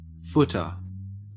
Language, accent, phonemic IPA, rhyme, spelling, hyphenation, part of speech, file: English, Australia, /ˈfʊtə(ɹ)/, -ʊtə(ɹ), footer, foot‧er, noun / verb, En-au-footer.ogg
- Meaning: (noun) 1. A footgoer; pedestrian 2. A line of information printed at the bottom of a page to identify the contents or number pages. (Compare foot in printing.)